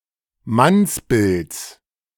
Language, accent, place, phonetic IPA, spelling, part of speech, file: German, Germany, Berlin, [ˈmansˌbɪlt͡s], Mannsbilds, noun, De-Mannsbilds.ogg
- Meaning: genitive singular of Mannsbild